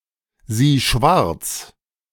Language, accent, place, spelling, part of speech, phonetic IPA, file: German, Germany, Berlin, sieh schwarz, verb, [ˌziː ˈʃvaʁt͡s], De-sieh schwarz.ogg
- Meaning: singular imperative of schwarzsehen